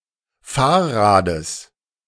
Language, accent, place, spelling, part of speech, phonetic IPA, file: German, Germany, Berlin, Fahrrades, noun, [ˈfaːɐ̯ˌʁaːdəs], De-Fahrrades.ogg
- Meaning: genitive singular of Fahrrad